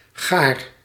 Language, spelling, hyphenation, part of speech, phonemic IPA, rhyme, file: Dutch, gaar, gaar, adjective / verb, /ɣaːr/, -aːr, Nl-gaar.ogg
- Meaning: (adjective) 1. well-cooked; done; ready for consumption 2. finished, exhausted 3. annoying, bad; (verb) inflection of garen: first-person singular present indicative